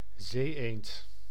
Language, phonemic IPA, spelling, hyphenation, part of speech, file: Dutch, /ˈzeːˌeːnt/, zee-eend, zee-eend, noun, Nl-zee-eend.ogg
- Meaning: scoter, seaduck of the genus Melanitta